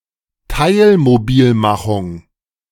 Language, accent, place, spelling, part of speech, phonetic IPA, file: German, Germany, Berlin, Teilmobilmachung, noun, [ˈtaɪ̯lmoˌbiːlmaxʊŋ], De-Teilmobilmachung.ogg
- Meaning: partial mobilization